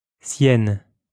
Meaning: feminine singular of sien (“his, her”)
- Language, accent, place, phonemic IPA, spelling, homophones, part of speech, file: French, France, Lyon, /sjɛn/, sienne, Sienne / siennes / Syène, adjective, LL-Q150 (fra)-sienne.wav